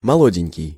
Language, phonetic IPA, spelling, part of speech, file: Russian, [mɐˈɫodʲɪnʲkʲɪj], молоденький, adjective, Ru-молоденький.ogg
- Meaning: diminutive of молодо́й (molodój, “young”): very young